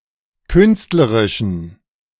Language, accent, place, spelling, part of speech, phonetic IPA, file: German, Germany, Berlin, künstlerischen, adjective, [ˈkʏnstləʁɪʃn̩], De-künstlerischen.ogg
- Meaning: inflection of künstlerisch: 1. strong genitive masculine/neuter singular 2. weak/mixed genitive/dative all-gender singular 3. strong/weak/mixed accusative masculine singular 4. strong dative plural